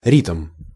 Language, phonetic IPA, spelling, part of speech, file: Russian, [rʲitm], ритм, noun, Ru-ритм.ogg
- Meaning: 1. rhythm (various senses) 2. heartbeat